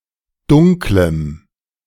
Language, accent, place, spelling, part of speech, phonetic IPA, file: German, Germany, Berlin, dunklem, adjective, [ˈdʊŋkləm], De-dunklem.ogg
- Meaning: strong dative masculine/neuter singular of dunkel